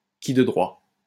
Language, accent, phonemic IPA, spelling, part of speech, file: French, France, /ki də dʁwa/, qui de droit, noun, LL-Q150 (fra)-qui de droit.wav
- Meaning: the relevant jurisdiction, the person concerned, the interested party